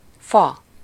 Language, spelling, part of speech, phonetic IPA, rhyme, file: Hungarian, fa, noun, [ˈfɒ], -fɒ, Hu-fa.ogg
- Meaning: 1. tree (large woody plant) 2. wood (substance beneath the bark of the trunk or branches of a tree) 3. tree (connected graph with no cycles) 4. tree (recursive data structure) 5. wooden (made of wood)